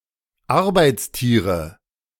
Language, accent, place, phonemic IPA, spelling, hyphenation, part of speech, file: German, Germany, Berlin, /ˈaʁbaɪ̯tsˌtiːʁə/, Arbeitstiere, Ar‧beits‧tie‧re, noun, De-Arbeitstiere.ogg
- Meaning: nominative/accusative/genitive plural of Arbeitstier